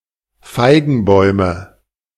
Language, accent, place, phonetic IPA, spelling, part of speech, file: German, Germany, Berlin, [ˈfaɪ̯ɡn̩ˌbɔɪ̯mə], Feigenbäume, noun, De-Feigenbäume.ogg
- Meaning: nominative/accusative/genitive plural of Feigenbaum